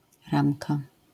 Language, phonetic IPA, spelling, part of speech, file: Polish, [ˈrãmka], ramka, noun, LL-Q809 (pol)-ramka.wav